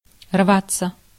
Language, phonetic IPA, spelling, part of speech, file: Russian, [ˈrvat͡sːə], рваться, verb, Ru-рваться.ogg
- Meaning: 1. to break, to burst, to be torn 2. to strive, to long, to be dying to (to do something) 3. passive of рвать (rvatʹ)